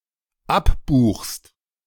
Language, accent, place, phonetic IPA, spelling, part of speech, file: German, Germany, Berlin, [ˈapˌbuːxst], abbuchst, verb, De-abbuchst.ogg
- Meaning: second-person singular dependent present of abbuchen